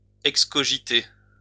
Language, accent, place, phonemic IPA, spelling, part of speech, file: French, France, Lyon, /ɛk.skɔ.ʒi.te/, excogiter, verb, LL-Q150 (fra)-excogiter.wav
- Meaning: to imagine